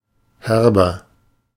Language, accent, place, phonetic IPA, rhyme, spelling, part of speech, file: German, Germany, Berlin, [ˈhɛʁbɐ], -ɛʁbɐ, herber, adjective, De-herber.ogg
- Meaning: inflection of herb: 1. strong/mixed nominative masculine singular 2. strong genitive/dative feminine singular 3. strong genitive plural